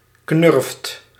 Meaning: a stupid, silly person; a buffoon
- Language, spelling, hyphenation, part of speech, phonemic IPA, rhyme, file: Dutch, knurft, knurft, noun, /knʏrft/, -ʏrft, Nl-knurft.ogg